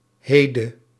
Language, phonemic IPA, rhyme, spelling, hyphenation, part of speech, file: Dutch, /ˈɦeː.də/, -eːdə, hede, he‧de, noun, Nl-hede.ogg
- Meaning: tow, hards